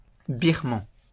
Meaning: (adjective) of Burma; Burmese; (noun) 1. Burmese (language) 2. Birman (cat)
- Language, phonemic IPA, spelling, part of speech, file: French, /biʁ.mɑ̃/, birman, adjective / noun, LL-Q150 (fra)-birman.wav